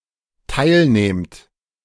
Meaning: second-person plural dependent present of teilnehmen
- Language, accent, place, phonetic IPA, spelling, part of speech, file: German, Germany, Berlin, [ˈtaɪ̯lˌneːmt], teilnehmt, verb, De-teilnehmt.ogg